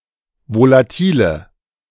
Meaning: inflection of volatil: 1. strong/mixed nominative/accusative feminine singular 2. strong nominative/accusative plural 3. weak nominative all-gender singular 4. weak accusative feminine/neuter singular
- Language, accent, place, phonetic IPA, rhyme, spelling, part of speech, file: German, Germany, Berlin, [volaˈtiːlə], -iːlə, volatile, adjective, De-volatile.ogg